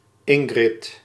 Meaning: a female given name
- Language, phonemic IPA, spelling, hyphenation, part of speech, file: Dutch, /ˈɪŋ.ɣrɪt/, Ingrid, In‧grid, proper noun, Nl-Ingrid.ogg